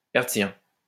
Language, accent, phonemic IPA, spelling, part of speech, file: French, France, /ɛʁt.sjɛ̃/, hertzien, adjective, LL-Q150 (fra)-hertzien.wav
- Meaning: Hertzian